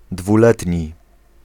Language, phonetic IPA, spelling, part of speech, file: Polish, [dvuˈlɛtʲɲi], dwuletni, adjective, Pl-dwuletni.ogg